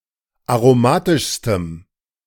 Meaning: strong dative masculine/neuter singular superlative degree of aromatisch
- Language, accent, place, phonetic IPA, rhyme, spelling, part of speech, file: German, Germany, Berlin, [aʁoˈmaːtɪʃstəm], -aːtɪʃstəm, aromatischstem, adjective, De-aromatischstem.ogg